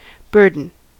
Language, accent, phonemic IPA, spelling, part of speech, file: English, US, /ˈbɝdn̩/, burden, noun / verb, En-us-burden.ogg
- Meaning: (noun) 1. A heavy load 2. A responsibility, onus 3. A cause of worry; that which is grievous, wearisome, or oppressive 4. The capacity of a vessel, or the weight of cargo that she will carry